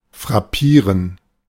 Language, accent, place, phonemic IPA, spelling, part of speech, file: German, Germany, Berlin, /fʁaˈpiːʁən/, frappieren, verb, De-frappieren.ogg
- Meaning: to astonish, to impress, to strike (especially used of similarity)